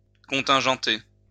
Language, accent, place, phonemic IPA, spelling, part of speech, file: French, France, Lyon, /kɔ̃.tɛ̃.ʒɑ̃.te/, contingenter, verb, LL-Q150 (fra)-contingenter.wav
- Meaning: 1. to apply a quota to 2. to brake